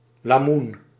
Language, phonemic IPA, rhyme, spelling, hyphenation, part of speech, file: Dutch, /laːˈmun/, -un, lamoen, la‧moen, noun, Nl-lamoen.ogg
- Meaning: a horse-riding set-up with a beam and two shafts, to which a horse harness can be strapped